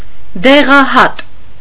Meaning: pill, tablet
- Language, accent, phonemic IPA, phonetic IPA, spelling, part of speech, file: Armenian, Eastern Armenian, /deʁɑˈhɑt/, [deʁɑhɑ́t], դեղահատ, noun, Hy-դեղահատ.ogg